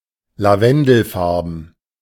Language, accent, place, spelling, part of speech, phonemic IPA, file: German, Germany, Berlin, lavendelfarben, adjective, /laˈvɛndl̩ˌfaʁbn̩/, De-lavendelfarben.ogg
- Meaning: lavender (coloured)